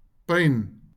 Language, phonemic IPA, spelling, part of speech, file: Afrikaans, /pəin/, pyn, noun, LL-Q14196 (afr)-pyn.wav
- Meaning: 1. pain 2. pine